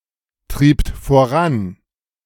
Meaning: second-person plural preterite of vorantreiben
- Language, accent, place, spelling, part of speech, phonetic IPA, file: German, Germany, Berlin, triebt voran, verb, [ˌtʁiːpt foˈʁan], De-triebt voran.ogg